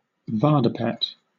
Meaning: A highly educated archimandrite in the Armenian Apostolic Church tradition who holds a Doctorate in Theology
- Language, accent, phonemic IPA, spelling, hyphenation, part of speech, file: English, Southern England, /ˈvɑːdəpɛt/, vardapet, var‧da‧pet, noun, LL-Q1860 (eng)-vardapet.wav